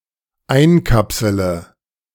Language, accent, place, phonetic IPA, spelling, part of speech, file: German, Germany, Berlin, [ˈaɪ̯nˌkapsələ], einkapsele, verb, De-einkapsele.ogg
- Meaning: inflection of einkapseln: 1. first-person singular dependent present 2. first/third-person singular dependent subjunctive I